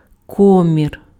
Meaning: collar (fabric garment part fitting around throat)
- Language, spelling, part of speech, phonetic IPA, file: Ukrainian, комір, noun, [ˈkɔmʲir], Uk-комір.ogg